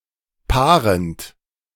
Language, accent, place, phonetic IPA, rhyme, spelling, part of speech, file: German, Germany, Berlin, [ˈpaːʁənt], -aːʁənt, paarend, verb, De-paarend.ogg
- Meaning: present participle of paaren